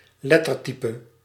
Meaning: font, typeface
- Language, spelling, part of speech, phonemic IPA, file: Dutch, lettertype, noun, /ˈlɛtərˌtipə/, Nl-lettertype.ogg